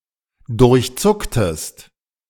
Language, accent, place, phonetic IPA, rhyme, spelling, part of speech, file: German, Germany, Berlin, [dʊʁçˈt͡sʊktəst], -ʊktəst, durchzucktest, verb, De-durchzucktest.ogg
- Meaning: inflection of durchzucken: 1. second-person singular preterite 2. second-person singular subjunctive II